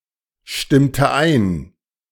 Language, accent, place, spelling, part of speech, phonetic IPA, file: German, Germany, Berlin, stimmte ein, verb, [ˌʃtɪmtə ˈaɪ̯n], De-stimmte ein.ogg
- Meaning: inflection of einstimmen: 1. first/third-person singular preterite 2. first/third-person singular subjunctive II